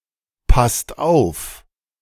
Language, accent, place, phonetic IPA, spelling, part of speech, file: German, Germany, Berlin, [ˌpast ˈaʊ̯f], passt auf, verb, De-passt auf.ogg
- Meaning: inflection of aufpassen: 1. second/third-person singular present 2. second-person plural present 3. plural imperative